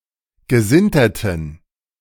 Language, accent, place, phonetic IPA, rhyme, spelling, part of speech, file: German, Germany, Berlin, [ɡəˈzɪntɐtn̩], -ɪntɐtn̩, gesinterten, adjective, De-gesinterten.ogg
- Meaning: inflection of gesintert: 1. strong genitive masculine/neuter singular 2. weak/mixed genitive/dative all-gender singular 3. strong/weak/mixed accusative masculine singular 4. strong dative plural